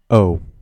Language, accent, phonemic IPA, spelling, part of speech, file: English, General American, /oʊ/, O, character / noun / numeral / particle / adjective / proper noun, En-us-O.ogg
- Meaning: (character) The fifteenth letter of the English alphabet, called o and written in the Latin script; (noun) Something shaped like the letter O